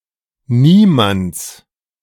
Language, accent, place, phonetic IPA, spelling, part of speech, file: German, Germany, Berlin, [ˈniːmant͡s], Niemands, noun, De-Niemands.ogg
- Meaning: genitive singular of Niemand